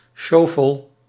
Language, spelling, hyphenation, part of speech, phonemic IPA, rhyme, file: Dutch, sjofel, sjo‧fel, adjective, /ˈʃoː.fəl/, -oːfəl, Nl-sjofel.ogg
- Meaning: shabby, poor